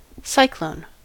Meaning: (noun) Any weather phenomenon consisting of a system of winds rotating around a centre of low atmospheric pressure; a low pressure system
- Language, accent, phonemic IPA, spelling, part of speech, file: English, US, /ˈsaɪ.kloʊn/, cyclone, noun / verb, En-us-cyclone.ogg